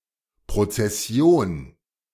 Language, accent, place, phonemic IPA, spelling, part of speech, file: German, Germany, Berlin, /pʁot͡sɛˈsi̯oːn/, Prozession, noun, De-Prozession.ogg
- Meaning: procession